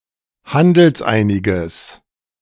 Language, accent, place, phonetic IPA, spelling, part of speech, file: German, Germany, Berlin, [ˈhandl̩sˌʔaɪ̯nɪɡəs], handelseiniges, adjective, De-handelseiniges.ogg
- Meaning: strong/mixed nominative/accusative neuter singular of handelseinig